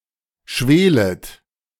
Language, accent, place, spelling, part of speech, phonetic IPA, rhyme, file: German, Germany, Berlin, schwelet, verb, [ˈʃveːlət], -eːlət, De-schwelet.ogg
- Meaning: second-person plural subjunctive I of schwelen